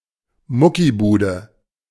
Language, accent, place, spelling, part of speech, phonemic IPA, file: German, Germany, Berlin, Muckibude, noun, /ˈmʊkiˌbuːdə/, De-Muckibude.ogg
- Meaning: a gym used primarily for muscle training, either a simple weights room or a commercial fitness centre